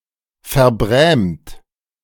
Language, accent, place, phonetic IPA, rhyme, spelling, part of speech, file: German, Germany, Berlin, [fɛɐ̯ˈbʁɛːmt], -ɛːmt, verbrämt, verb, De-verbrämt.ogg
- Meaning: 1. past participle of verbrämen 2. inflection of verbrämen: second-person plural present 3. inflection of verbrämen: third-person singular present 4. inflection of verbrämen: plural imperative